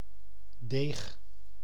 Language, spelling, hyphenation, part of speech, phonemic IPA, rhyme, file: Dutch, deeg, deeg, noun / adjective, /deːx/, -eːx, Nl-deeg.ogg
- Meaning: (noun) dough; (adjective) sound, good; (noun) benefit, advantage, increase